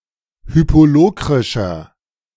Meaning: inflection of hypolokrisch: 1. strong/mixed nominative masculine singular 2. strong genitive/dative feminine singular 3. strong genitive plural
- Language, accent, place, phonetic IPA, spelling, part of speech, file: German, Germany, Berlin, [ˈhyːpoˌloːkʁɪʃɐ], hypolokrischer, adjective, De-hypolokrischer.ogg